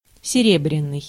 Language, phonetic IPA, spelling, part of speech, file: Russian, [sʲɪˈrʲebrʲɪn(ː)ɨj], серебряный, adjective, Ru-серебряный.ogg
- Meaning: 1. silver 2. melodious, sonorous, high-pitched